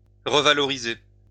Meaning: to revalue
- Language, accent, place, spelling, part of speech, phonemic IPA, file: French, France, Lyon, revaloriser, verb, /ʁə.va.lɔ.ʁi.ze/, LL-Q150 (fra)-revaloriser.wav